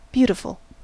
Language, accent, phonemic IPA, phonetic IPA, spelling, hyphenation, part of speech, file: English, US, /ˈbju.tɪ.fəl/, [bju.ɾə.fəl], beautiful, beau‧ti‧ful, adjective / noun, En-us-beautiful.ogg
- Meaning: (adjective) 1. Possessing beauty, impressing the eye; attractive 2. Possessing beauty, impressing the eye; attractive.: Used emphatically or ironically, after the noun it qualifies